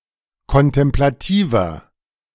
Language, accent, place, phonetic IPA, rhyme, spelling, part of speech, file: German, Germany, Berlin, [kɔntɛmplaˈtiːvɐ], -iːvɐ, kontemplativer, adjective, De-kontemplativer.ogg
- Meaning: 1. comparative degree of kontemplativ 2. inflection of kontemplativ: strong/mixed nominative masculine singular 3. inflection of kontemplativ: strong genitive/dative feminine singular